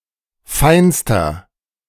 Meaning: inflection of fein: 1. strong/mixed nominative masculine singular superlative degree 2. strong genitive/dative feminine singular superlative degree 3. strong genitive plural superlative degree
- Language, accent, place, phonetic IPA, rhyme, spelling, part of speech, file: German, Germany, Berlin, [ˈfaɪ̯nstɐ], -aɪ̯nstɐ, feinster, adjective, De-feinster.ogg